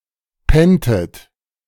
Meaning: inflection of pennen: 1. second-person plural preterite 2. second-person plural subjunctive II
- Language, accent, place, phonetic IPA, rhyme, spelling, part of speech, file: German, Germany, Berlin, [ˈpɛntət], -ɛntət, penntet, verb, De-penntet.ogg